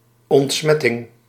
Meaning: disinfection, decontamination
- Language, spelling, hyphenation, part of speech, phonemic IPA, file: Dutch, ontsmetting, ont‧smet‧ting, noun, /ˌɔntˈsmɛ.tɪŋ/, Nl-ontsmetting.ogg